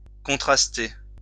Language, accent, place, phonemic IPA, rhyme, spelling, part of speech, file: French, France, Lyon, /kɔ̃.tʁas.te/, -e, contraster, verb, LL-Q150 (fra)-contraster.wav
- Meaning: to contrast